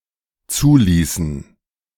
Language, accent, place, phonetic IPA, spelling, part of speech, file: German, Germany, Berlin, [ˈt͡suːˌliːsn̩], zuließen, verb, De-zuließen.ogg
- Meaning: inflection of zulassen: 1. first/third-person plural dependent preterite 2. first/third-person plural dependent subjunctive II